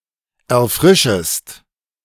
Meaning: second-person singular subjunctive I of erfrischen
- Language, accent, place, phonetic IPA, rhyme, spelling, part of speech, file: German, Germany, Berlin, [ɛɐ̯ˈfʁɪʃəst], -ɪʃəst, erfrischest, verb, De-erfrischest.ogg